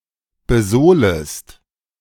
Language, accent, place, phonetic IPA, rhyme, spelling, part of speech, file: German, Germany, Berlin, [bəˈzoːləst], -oːləst, besohlest, verb, De-besohlest.ogg
- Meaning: second-person singular subjunctive I of besohlen